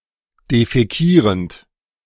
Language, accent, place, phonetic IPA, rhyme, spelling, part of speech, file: German, Germany, Berlin, [defɛˈkiːʁənt], -iːʁənt, defäkierend, verb, De-defäkierend.ogg
- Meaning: present participle of defäkieren